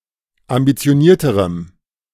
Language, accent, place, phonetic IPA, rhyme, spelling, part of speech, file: German, Germany, Berlin, [ambit͡si̯oˈniːɐ̯təʁəm], -iːɐ̯təʁəm, ambitionierterem, adjective, De-ambitionierterem.ogg
- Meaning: strong dative masculine/neuter singular comparative degree of ambitioniert